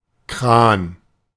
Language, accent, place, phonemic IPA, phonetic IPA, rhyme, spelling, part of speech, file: German, Germany, Berlin, /kraːn/, [kʁ̥äːn], -aːn, Kran, noun, De-Kran.ogg
- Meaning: 1. crane (a lifting device) 2. tap, faucet